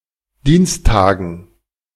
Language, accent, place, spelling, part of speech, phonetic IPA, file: German, Germany, Berlin, Dienstagen, noun, [ˈdiːnsˌtaːɡn̩], De-Dienstagen.ogg
- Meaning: dative plural of Dienstag